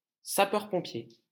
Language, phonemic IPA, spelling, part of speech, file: French, /sa.pœʁ.pɔ̃.pje/, sapeur-pompier, noun, LL-Q150 (fra)-sapeur-pompier.wav
- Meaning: fireman, firefighter